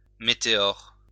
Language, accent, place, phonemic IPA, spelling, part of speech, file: French, France, Lyon, /me.te.ɔʁ/, météore, noun, LL-Q150 (fra)-météore.wav
- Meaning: 1. atmospheric phenomenon, such as snow, hail, rain, thunder, hurricanes, waterspouts, or dust devils 2. meteor